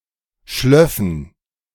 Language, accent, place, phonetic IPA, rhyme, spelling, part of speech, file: German, Germany, Berlin, [ˈʃlœfn̩], -œfn̩, schlöffen, verb, De-schlöffen.ogg
- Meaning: first-person plural subjunctive II of schliefen